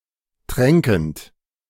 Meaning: present participle of tränken
- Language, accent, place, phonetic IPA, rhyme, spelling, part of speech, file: German, Germany, Berlin, [ˈtʁɛŋkn̩t], -ɛŋkn̩t, tränkend, verb, De-tränkend.ogg